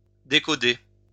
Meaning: to decode
- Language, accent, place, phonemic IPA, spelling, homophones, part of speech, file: French, France, Lyon, /de.kɔ.de/, décoder, décodai / décodé / décodée / décodées / décodés / décodez, verb, LL-Q150 (fra)-décoder.wav